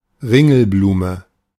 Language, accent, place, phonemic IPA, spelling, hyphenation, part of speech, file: German, Germany, Berlin, /ˈʁɪŋl̩ˌbluːmə/, Ringelblume, Rin‧gel‧blu‧me, noun, De-Ringelblume.ogg
- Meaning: marigold, calendula (Calendula officinalis)